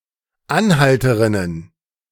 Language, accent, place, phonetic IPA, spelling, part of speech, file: German, Germany, Berlin, [ˈanˌhaltəʁɪnən], Anhalterinnen, noun, De-Anhalterinnen.ogg
- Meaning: plural of Anhalterin